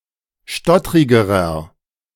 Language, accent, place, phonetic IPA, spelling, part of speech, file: German, Germany, Berlin, [ˈʃtɔtʁɪɡəʁɐ], stottrigerer, adjective, De-stottrigerer.ogg
- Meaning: inflection of stottrig: 1. strong/mixed nominative masculine singular comparative degree 2. strong genitive/dative feminine singular comparative degree 3. strong genitive plural comparative degree